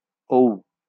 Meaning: The eleventh character and the last vowel in the Bengali abugida
- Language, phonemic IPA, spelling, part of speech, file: Bengali, /ou/, ঔ, character, LL-Q9610 (ben)-ঔ.wav